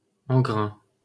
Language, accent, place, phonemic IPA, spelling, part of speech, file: French, France, Paris, /ɑ̃.ɡʁɛ̃/, engrain, noun, LL-Q150 (fra)-engrain.wav
- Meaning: einkorn wheat